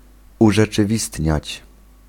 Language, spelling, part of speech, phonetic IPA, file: Polish, urzeczywistniać, verb, [ˌuʒɛt͡ʃɨˈvʲistʲɲät͡ɕ], Pl-urzeczywistniać.ogg